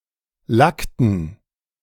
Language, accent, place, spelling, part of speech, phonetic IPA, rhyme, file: German, Germany, Berlin, lackten, verb, [ˈlaktn̩], -aktn̩, De-lackten.ogg
- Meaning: inflection of lacken: 1. first/third-person plural preterite 2. first/third-person plural subjunctive II